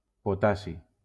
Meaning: potassium
- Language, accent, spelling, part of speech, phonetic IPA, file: Catalan, Valencia, potassi, noun, [poˈta.si], LL-Q7026 (cat)-potassi.wav